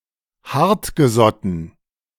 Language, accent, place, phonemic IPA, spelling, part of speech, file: German, Germany, Berlin, /ˈhaʁtɡəˌzɔtn̩/, hartgesotten, adjective, De-hartgesotten.ogg
- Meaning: hard-boiled, hardened, unscrupulous